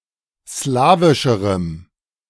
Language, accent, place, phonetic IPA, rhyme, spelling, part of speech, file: German, Germany, Berlin, [ˈslaːvɪʃəʁəm], -aːvɪʃəʁəm, slawischerem, adjective, De-slawischerem.ogg
- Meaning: strong dative masculine/neuter singular comparative degree of slawisch